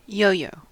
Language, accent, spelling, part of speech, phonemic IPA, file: English, US, yo-yo, noun / verb, /ˈjoʊ.joʊ/, En-us-yo-yo.ogg